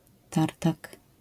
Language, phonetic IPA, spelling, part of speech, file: Polish, [ˈtartak], tartak, noun, LL-Q809 (pol)-tartak.wav